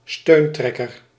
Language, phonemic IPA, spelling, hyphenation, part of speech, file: Dutch, /ˈstøːnˌtrɛ.kər/, steuntrekker, steun‧trek‧ker, noun, Nl-steuntrekker.ogg
- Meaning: someone who receives unemployment benefits